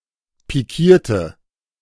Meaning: inflection of pikieren: 1. first/third-person singular preterite 2. first/third-person singular subjunctive II
- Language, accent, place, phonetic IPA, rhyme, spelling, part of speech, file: German, Germany, Berlin, [piˈkiːɐ̯tə], -iːɐ̯tə, pikierte, adjective, De-pikierte.ogg